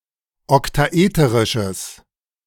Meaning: strong/mixed nominative/accusative neuter singular of oktaeterisch
- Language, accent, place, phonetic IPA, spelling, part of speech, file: German, Germany, Berlin, [ɔktaˈʔeːtəʁɪʃəs], oktaeterisches, adjective, De-oktaeterisches.ogg